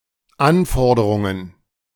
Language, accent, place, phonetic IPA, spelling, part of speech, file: German, Germany, Berlin, [ˈanˌfɔʁdəʁʊŋən], Anforderungen, noun, De-Anforderungen.ogg
- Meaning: plural of Anforderung